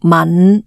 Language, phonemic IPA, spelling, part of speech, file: Cantonese, /mɐn˩˧/, man5, romanization, Yue-man5.ogg
- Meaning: 1. Jyutping transcription of 僶 /𠊟 2. Jyutping transcription of 吻 3. Jyutping transcription of 憫 /悯 4. Jyutping transcription of 抆 5. Jyutping transcription of 抿 6. Jyutping transcription of 敏